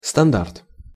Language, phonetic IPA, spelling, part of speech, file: Russian, [stɐnˈdart], стандарт, noun, Ru-стандарт.ogg
- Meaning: standard (level of quality)